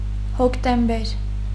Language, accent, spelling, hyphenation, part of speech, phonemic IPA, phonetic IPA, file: Armenian, Eastern Armenian, հոկտեմբեր, հոկ‧տեմ‧բեր, noun, /hoktemˈbeɾ/, [hoktembéɾ], Hy-հոկտեմբեր.ogg
- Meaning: October